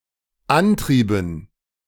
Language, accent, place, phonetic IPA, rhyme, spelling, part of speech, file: German, Germany, Berlin, [ˈanˌtʁiːbn̩], -antʁiːbn̩, antrieben, verb, De-antrieben.ogg
- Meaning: inflection of antreiben: 1. first/third-person plural dependent preterite 2. first/third-person plural dependent subjunctive II